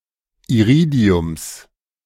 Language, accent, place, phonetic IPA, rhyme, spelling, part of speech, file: German, Germany, Berlin, [iˈʁiːdi̯ʊms], -iːdi̯ʊms, Iridiums, noun, De-Iridiums.ogg
- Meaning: genitive singular of Iridium